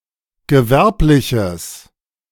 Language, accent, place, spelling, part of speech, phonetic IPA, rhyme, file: German, Germany, Berlin, gewerbliches, adjective, [ɡəˈvɛʁplɪçəs], -ɛʁplɪçəs, De-gewerbliches.ogg
- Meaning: strong/mixed nominative/accusative neuter singular of gewerblich